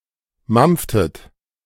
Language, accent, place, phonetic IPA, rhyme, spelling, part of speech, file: German, Germany, Berlin, [ˈmamp͡ftət], -amp͡ftət, mampftet, verb, De-mampftet.ogg
- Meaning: inflection of mampfen: 1. second-person plural preterite 2. second-person plural subjunctive II